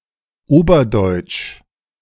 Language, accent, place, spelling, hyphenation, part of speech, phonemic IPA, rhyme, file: German, Germany, Berlin, Oberdeutsch, Ober‧deutsch, proper noun, /ˈoːbɐˌdɔɪ̯t͡ʃ/, -ɔɪ̯t͡ʃ, De-Oberdeutsch.ogg
- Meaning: Upper German